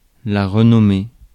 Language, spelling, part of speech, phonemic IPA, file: French, renommée, noun / verb, /ʁə.nɔ.me/, Fr-renommée.ogg
- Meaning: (noun) reputation, legend, renown; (verb) feminine singular of renommé